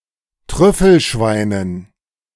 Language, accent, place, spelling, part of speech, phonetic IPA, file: German, Germany, Berlin, Trüffelschweinen, noun, [ˈtʁʏfl̩ˌʃvaɪ̯nən], De-Trüffelschweinen.ogg
- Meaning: dative plural of Trüffelschwein